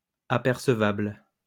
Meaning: perceptible, noticeable, appreciable
- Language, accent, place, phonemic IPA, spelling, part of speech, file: French, France, Lyon, /a.pɛʁ.sə.vabl/, apercevable, adjective, LL-Q150 (fra)-apercevable.wav